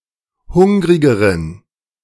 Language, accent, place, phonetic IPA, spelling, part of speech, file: German, Germany, Berlin, [ˈhʊŋʁɪɡəʁən], hungrigeren, adjective, De-hungrigeren.ogg
- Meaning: inflection of hungrig: 1. strong genitive masculine/neuter singular comparative degree 2. weak/mixed genitive/dative all-gender singular comparative degree